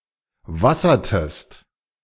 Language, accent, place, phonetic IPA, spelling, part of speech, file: German, Germany, Berlin, [ˈvasɐtəst], wassertest, verb, De-wassertest.ogg
- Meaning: inflection of wassern: 1. second-person singular preterite 2. second-person singular subjunctive II